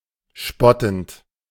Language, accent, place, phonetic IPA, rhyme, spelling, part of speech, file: German, Germany, Berlin, [ˈʃpɔtn̩t], -ɔtn̩t, spottend, verb, De-spottend.ogg
- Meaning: present participle of spotten